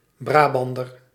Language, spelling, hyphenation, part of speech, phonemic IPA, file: Dutch, Brabander, Bra‧ban‧der, noun, /ˈbraːˌbɑn.dər/, Nl-Brabander.ogg
- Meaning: 1. a Brabantian, a person from Brabant 2. a neighbourhood of Venray, Limburg, Netherlands